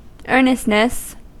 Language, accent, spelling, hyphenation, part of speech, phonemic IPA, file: English, US, earnestness, ear‧nest‧ness, noun, /ˈɝnɪstnəs/, En-us-earnestness.ogg
- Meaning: The quality of being earnest; sincerity; seriousness